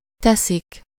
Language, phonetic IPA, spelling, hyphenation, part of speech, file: Hungarian, [ˈtɛsik], teszik, te‧szik, verb, Hu-teszik.ogg
- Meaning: third-person plural indicative present definite of tesz